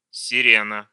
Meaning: 1. siren 2. siren (device)
- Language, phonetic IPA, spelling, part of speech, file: Russian, [sʲɪˈrʲenə], сирена, noun, Ru-сире́на.ogg